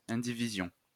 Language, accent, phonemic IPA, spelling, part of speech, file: French, France, /ɛ̃.di.vi.zjɔ̃/, indivision, noun, LL-Q150 (fra)-indivision.wav
- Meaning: tenancy in common